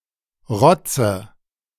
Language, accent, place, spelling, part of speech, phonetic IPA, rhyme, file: German, Germany, Berlin, rotze, verb, [ˈʁɔt͡sə], -ɔt͡sə, De-rotze.ogg
- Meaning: inflection of rotzen: 1. first-person singular present 2. first/third-person singular subjunctive I 3. singular imperative